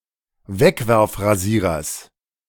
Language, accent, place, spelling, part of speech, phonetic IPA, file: German, Germany, Berlin, Wegwerfrasierers, noun, [ˈvɛkvɛʁfʁaˌziːʁɐs], De-Wegwerfrasierers.ogg
- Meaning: genitive singular of Wegwerfrasierer